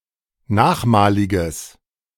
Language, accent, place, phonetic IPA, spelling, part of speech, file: German, Germany, Berlin, [ˈnaːxˌmaːlɪɡəs], nachmaliges, adjective, De-nachmaliges.ogg
- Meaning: strong/mixed nominative/accusative neuter singular of nachmalig